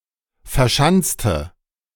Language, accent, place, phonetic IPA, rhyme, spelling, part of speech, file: German, Germany, Berlin, [fɛɐ̯ˈʃant͡stə], -ant͡stə, verschanzte, adjective / verb, De-verschanzte.ogg
- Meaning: inflection of verschanzen: 1. first/third-person singular preterite 2. first/third-person singular subjunctive II